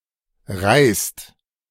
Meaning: inflection of reisen: 1. second/third-person singular present 2. second-person plural present 3. plural imperative
- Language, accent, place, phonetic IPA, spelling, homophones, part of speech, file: German, Germany, Berlin, [ʁaɪ̯st], reist, reißt, verb, De-reist.ogg